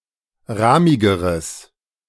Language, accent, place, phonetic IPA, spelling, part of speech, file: German, Germany, Berlin, [ˈʁaːmɪɡəʁəs], rahmigeres, adjective, De-rahmigeres.ogg
- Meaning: strong/mixed nominative/accusative neuter singular comparative degree of rahmig